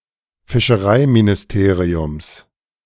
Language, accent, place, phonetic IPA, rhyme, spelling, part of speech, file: German, Germany, Berlin, [fɪʃəˈʁaɪ̯minɪsˌteːʁiʊms], -aɪ̯minɪsteːʁiʊms, Fischereiministeriums, noun, De-Fischereiministeriums.ogg
- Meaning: genitive of Fischereiministerium